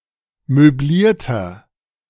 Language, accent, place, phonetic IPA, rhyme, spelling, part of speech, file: German, Germany, Berlin, [møˈbliːɐ̯tɐ], -iːɐ̯tɐ, möblierter, adjective, De-möblierter.ogg
- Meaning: inflection of möbliert: 1. strong/mixed nominative masculine singular 2. strong genitive/dative feminine singular 3. strong genitive plural